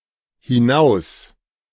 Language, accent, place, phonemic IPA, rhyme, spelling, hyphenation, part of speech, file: German, Germany, Berlin, /hɪˈnaʊ̯s/, -aʊ̯s, hinaus, hi‧naus, adverb, De-hinaus.ogg
- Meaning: out (away from the speaker)